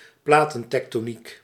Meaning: plate tectonics
- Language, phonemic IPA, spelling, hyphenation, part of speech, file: Dutch, /ˈplaː.tə(n).tɛk.toːˌnik/, platentektoniek, pla‧ten‧tek‧to‧niek, noun, Nl-platentektoniek.ogg